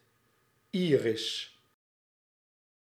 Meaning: 1. Iris (divine messenger, goddess of rainbows) 2. a female given name
- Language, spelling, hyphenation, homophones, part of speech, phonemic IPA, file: Dutch, Iris, Iris, iris, proper noun, /ˈiː.rɪs/, Nl-Iris.ogg